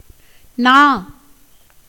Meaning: 1. tongue 2. word 3. middle, centre 4. index of a balance 5. clapper of a bell 6. bolt of a lock 7. wards of a key 8. mouthpiece of a music pipe 9. neighbourhood 10. splendour
- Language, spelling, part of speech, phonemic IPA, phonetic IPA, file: Tamil, நா, noun, /nɑː/, [näː], Ta-நா.ogg